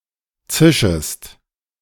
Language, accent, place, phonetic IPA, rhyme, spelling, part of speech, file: German, Germany, Berlin, [ˈt͡sɪʃəst], -ɪʃəst, zischest, verb, De-zischest.ogg
- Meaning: second-person singular subjunctive I of zischen